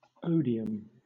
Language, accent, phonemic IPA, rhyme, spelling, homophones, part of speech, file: English, Southern England, /ˈəʊ.di.əm/, -əʊdiəm, odium, Odiham, noun, LL-Q1860 (eng)-odium.wav
- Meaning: 1. Hatred; dislike 2. The quality that provokes hatred; offensiveness